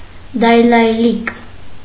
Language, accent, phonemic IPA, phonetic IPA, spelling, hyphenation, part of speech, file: Armenian, Eastern Armenian, /dɑjlɑjˈlik/, [dɑjlɑjlík], դայլայլիկ, դայ‧լայ‧լիկ, noun, Hy-դայլայլիկ.ogg
- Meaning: synonym of դայլայլ (daylayl)